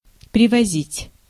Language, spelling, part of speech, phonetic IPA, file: Russian, привозить, verb, [prʲɪvɐˈzʲitʲ], Ru-привозить.ogg
- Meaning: to bring, to fetch by vehicle